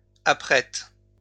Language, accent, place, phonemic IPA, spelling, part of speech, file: French, France, Lyon, /a.pʁɛt/, apprête, verb, LL-Q150 (fra)-apprête.wav
- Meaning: inflection of apprêter: 1. first/third-person singular present indicative/subjunctive 2. second-person singular imperative